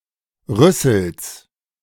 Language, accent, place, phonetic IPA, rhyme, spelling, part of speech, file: German, Germany, Berlin, [ˈʁʏsl̩s], -ʏsl̩s, Rüssels, noun, De-Rüssels.ogg
- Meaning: genitive singular of Rüssel